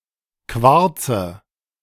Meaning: nominative/accusative/genitive plural of Quarz
- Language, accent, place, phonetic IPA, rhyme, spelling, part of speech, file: German, Germany, Berlin, [ˈkvaʁt͡sə], -aʁt͡sə, Quarze, noun, De-Quarze.ogg